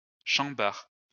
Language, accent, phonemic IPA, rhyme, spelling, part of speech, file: French, France, /ʃɑ̃.baʁ/, -aʁ, chambard, noun, LL-Q150 (fra)-chambard.wav
- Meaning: 1. bedlam, rumpus, hullabaloo 2. mayhem